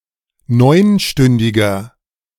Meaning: inflection of neunstündig: 1. strong/mixed nominative masculine singular 2. strong genitive/dative feminine singular 3. strong genitive plural
- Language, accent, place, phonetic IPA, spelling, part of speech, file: German, Germany, Berlin, [ˈnɔɪ̯nˌʃtʏndɪɡɐ], neunstündiger, adjective, De-neunstündiger.ogg